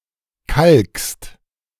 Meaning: second-person singular present of kalken
- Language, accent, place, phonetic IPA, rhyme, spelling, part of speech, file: German, Germany, Berlin, [kalkst], -alkst, kalkst, verb, De-kalkst.ogg